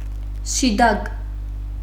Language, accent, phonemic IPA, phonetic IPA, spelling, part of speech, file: Armenian, Western Armenian, /ʃiˈdɑɡ/, [ʃidɑ́ɡ], շիտակ, adjective / adverb, HyW-շիտակ.ogg
- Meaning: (adjective) 1. straight, upright, direct 2. straightforward, honest, frank 3. right-side-out; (adverb) 1. in a straight, upright, direct manner 2. straightforwardly, honestly, frankly